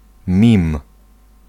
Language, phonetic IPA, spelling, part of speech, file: Polish, [mʲĩm], mim, noun, Pl-mim.ogg